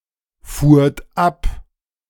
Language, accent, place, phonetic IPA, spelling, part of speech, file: German, Germany, Berlin, [ˌfuːɐ̯t ˈap], fuhrt ab, verb, De-fuhrt ab.ogg
- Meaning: second-person plural preterite of abfahren